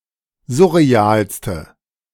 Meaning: inflection of surreal: 1. strong/mixed nominative/accusative feminine singular superlative degree 2. strong nominative/accusative plural superlative degree
- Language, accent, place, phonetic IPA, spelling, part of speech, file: German, Germany, Berlin, [ˈzʊʁeˌaːlstə], surrealste, adjective, De-surrealste.ogg